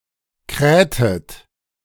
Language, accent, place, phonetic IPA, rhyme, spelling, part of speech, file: German, Germany, Berlin, [ˈkʁɛːtət], -ɛːtət, krähtet, verb, De-krähtet.ogg
- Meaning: inflection of krähen: 1. second-person plural preterite 2. second-person plural subjunctive II